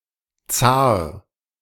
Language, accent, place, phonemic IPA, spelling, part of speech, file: German, Germany, Berlin, /t͡saːr/, Zar, noun, De-Zar.ogg
- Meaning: tsar, czar (Russian monarch)